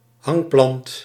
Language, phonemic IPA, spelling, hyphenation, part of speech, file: Dutch, /ˈɦɑŋ.plɑnt/, hangplant, hang‧plant, noun, Nl-hangplant.ogg
- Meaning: a hanging plant